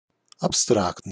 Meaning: abstract
- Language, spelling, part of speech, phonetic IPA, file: Russian, абстрактный, adjective, [ɐpˈstraktnɨj], Ru-абстрактный.ogg